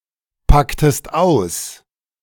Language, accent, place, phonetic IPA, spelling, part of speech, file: German, Germany, Berlin, [ˌpaktəst ˈaʊ̯s], packtest aus, verb, De-packtest aus.ogg
- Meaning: inflection of auspacken: 1. second-person singular preterite 2. second-person singular subjunctive II